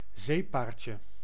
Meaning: diminutive of zeepaard
- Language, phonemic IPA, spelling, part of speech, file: Dutch, /ˈzepaːrtʲə/, zeepaardje, noun, Nl-zeepaardje.ogg